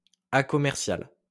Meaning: uncommercial
- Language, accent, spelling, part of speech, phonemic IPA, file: French, France, acommercial, adjective, /a.kɔ.mɛʁ.sjal/, LL-Q150 (fra)-acommercial.wav